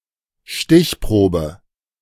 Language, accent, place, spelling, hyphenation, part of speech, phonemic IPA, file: German, Germany, Berlin, Stichprobe, Stich‧pro‧be, noun, /ˈʃtɪçˌproːbə/, De-Stichprobe.ogg
- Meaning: sample